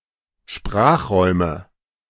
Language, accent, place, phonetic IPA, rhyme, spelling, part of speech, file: German, Germany, Berlin, [ˈʃpʁaːxˌʁɔɪ̯mə], -aːxʁɔɪ̯mə, Sprachräume, noun, De-Sprachräume.ogg
- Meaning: nominative/accusative/genitive plural of Sprachraum